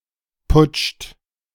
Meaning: inflection of putschen: 1. third-person singular present 2. second-person plural present 3. plural imperative
- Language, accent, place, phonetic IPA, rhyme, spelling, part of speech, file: German, Germany, Berlin, [pʊt͡ʃt], -ʊt͡ʃt, putscht, verb, De-putscht.ogg